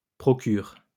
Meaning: inflection of procurer: 1. first/third-person singular present indicative/subjunctive 2. second-person singular imperative
- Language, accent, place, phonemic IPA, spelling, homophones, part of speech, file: French, France, Lyon, /pʁɔ.kyʁ/, procure, procurent / procures, verb, LL-Q150 (fra)-procure.wav